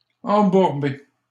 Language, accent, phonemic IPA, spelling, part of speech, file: French, Canada, /ɑ̃.buʁ.be/, embourber, verb, LL-Q150 (fra)-embourber.wav
- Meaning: 1. to get stuck in the mud 2. to get bogged down